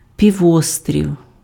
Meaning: peninsula
- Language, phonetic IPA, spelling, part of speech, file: Ukrainian, [pʲiˈwɔstʲrʲiu̯], півострів, noun, Uk-півострів.ogg